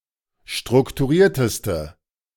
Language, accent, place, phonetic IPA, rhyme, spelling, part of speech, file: German, Germany, Berlin, [ˌʃtʁʊktuˈʁiːɐ̯təstə], -iːɐ̯təstə, strukturierteste, adjective, De-strukturierteste.ogg
- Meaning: inflection of strukturiert: 1. strong/mixed nominative/accusative feminine singular superlative degree 2. strong nominative/accusative plural superlative degree